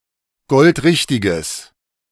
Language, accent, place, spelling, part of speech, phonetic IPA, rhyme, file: German, Germany, Berlin, goldrichtiges, adjective, [ˈɡɔltˈʁɪçtɪɡəs], -ɪçtɪɡəs, De-goldrichtiges.ogg
- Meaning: strong/mixed nominative/accusative neuter singular of goldrichtig